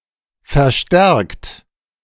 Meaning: 1. past participle of verstärken 2. inflection of verstärken: third-person singular present 3. inflection of verstärken: second-person plural present 4. inflection of verstärken: plural imperative
- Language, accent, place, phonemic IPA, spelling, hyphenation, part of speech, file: German, Germany, Berlin, /fɛʁˈʃtɛʁkt/, verstärkt, ver‧stärkt, verb, De-verstärkt.ogg